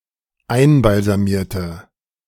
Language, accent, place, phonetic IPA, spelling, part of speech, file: German, Germany, Berlin, [ˈaɪ̯nbalzaˌmiːɐ̯tə], einbalsamierte, adjective / verb, De-einbalsamierte.ogg
- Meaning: inflection of einbalsamieren: 1. first/third-person singular dependent preterite 2. first/third-person singular dependent subjunctive II